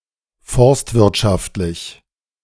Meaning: forestry; silvicultural
- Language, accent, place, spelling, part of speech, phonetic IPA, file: German, Germany, Berlin, forstwirtschaftlich, adjective, [ˈfɔʁstvɪʁtˌʃaftlɪç], De-forstwirtschaftlich.ogg